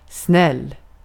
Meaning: 1. kind, nice 2. nice, obedient (from notion of being kind (from someone's perspective)) 3. quick, swift 4. wise 5. fast
- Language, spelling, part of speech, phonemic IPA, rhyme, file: Swedish, snäll, adjective, /snɛlː/, -ɛl, Sv-snäll.ogg